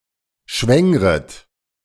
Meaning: second-person plural subjunctive I of schwängern
- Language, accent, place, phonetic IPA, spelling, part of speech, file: German, Germany, Berlin, [ˈʃvɛŋʁət], schwängret, verb, De-schwängret.ogg